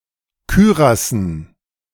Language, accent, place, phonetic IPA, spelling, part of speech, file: German, Germany, Berlin, [ˈkyːʁasn̩], Kürassen, noun, De-Kürassen.ogg
- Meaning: dative plural of Kürass